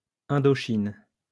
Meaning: Indochina (a peninsula and geographic region of Southeast Asia, consisting of the mainland portion, not including islands such as those of Indonesia)
- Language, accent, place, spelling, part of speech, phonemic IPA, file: French, France, Lyon, Indochine, proper noun, /ɛ̃.dɔ.ʃin/, LL-Q150 (fra)-Indochine.wav